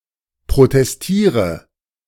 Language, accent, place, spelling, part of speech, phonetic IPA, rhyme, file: German, Germany, Berlin, protestiere, verb, [pʁotɛsˈtiːʁə], -iːʁə, De-protestiere.ogg
- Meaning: inflection of protestieren: 1. first-person singular present 2. first/third-person singular subjunctive I 3. singular imperative